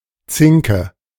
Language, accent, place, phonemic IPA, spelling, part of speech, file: German, Germany, Berlin, /ˈt͡sɪŋkə/, Zinke, noun, De-Zinke.ogg
- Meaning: 1. prong 2. tine 3. tenon